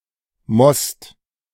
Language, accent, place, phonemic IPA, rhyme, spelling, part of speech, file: German, Germany, Berlin, /mɔst/, -ɔst, Most, noun, De-Most.ogg
- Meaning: 1. fruit juice; must (of grapes); new wine 2. fruit wine